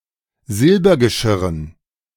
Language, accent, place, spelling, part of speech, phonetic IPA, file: German, Germany, Berlin, Silbergeschirren, noun, [ˈzɪlbɐɡəˌʃɪʁən], De-Silbergeschirren.ogg
- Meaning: dative plural of Silbergeschirr